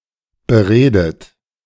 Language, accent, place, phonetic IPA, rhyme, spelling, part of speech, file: German, Germany, Berlin, [bəˈʁeːdət], -eːdət, beredet, verb, De-beredet.ogg
- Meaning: past participle of bereden